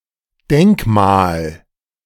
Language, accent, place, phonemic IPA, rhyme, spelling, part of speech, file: German, Germany, Berlin, /ˈdɛŋkˌmaːl/, -aːl, Denkmal, noun, De-Denkmal.ogg
- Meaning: monument, memorial